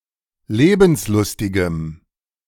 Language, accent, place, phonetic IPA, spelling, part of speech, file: German, Germany, Berlin, [ˈleːbn̩sˌlʊstɪɡəm], lebenslustigem, adjective, De-lebenslustigem.ogg
- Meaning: strong dative masculine/neuter singular of lebenslustig